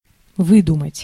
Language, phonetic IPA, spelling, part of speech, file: Russian, [ˈvɨdʊmətʲ], выдумать, verb, Ru-выдумать.ogg
- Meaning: 1. to invent, to contrive, to devise 2. to concoct, to fabricate, to make up